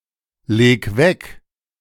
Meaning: 1. singular imperative of weglegen 2. first-person singular present of weglegen
- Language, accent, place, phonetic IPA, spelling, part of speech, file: German, Germany, Berlin, [ˌleːk ˈvɛk], leg weg, verb, De-leg weg.ogg